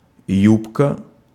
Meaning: 1. skirt (part of clothing, especially woman's) 2. woman (as an object of a man's interest)
- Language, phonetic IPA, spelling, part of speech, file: Russian, [ˈjupkə], юбка, noun, Ru-юбка.ogg